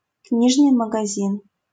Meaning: bookshop, bookstore
- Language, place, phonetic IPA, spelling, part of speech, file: Russian, Saint Petersburg, [ˈknʲiʐnɨj məɡɐˈzʲin], книжный магазин, noun, LL-Q7737 (rus)-книжный магазин.wav